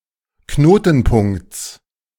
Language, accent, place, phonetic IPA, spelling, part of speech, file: German, Germany, Berlin, [ˈknoːtn̩ˌpʊŋkt͡s], Knotenpunkts, noun, De-Knotenpunkts.ogg
- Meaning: genitive singular of Knotenpunkt